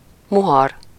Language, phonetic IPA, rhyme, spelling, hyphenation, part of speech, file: Hungarian, [ˈmuɦɒr], -ɒr, muhar, mu‧har, noun, Hu-muhar.ogg
- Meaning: Any of a group of various types of grass of genus Setaria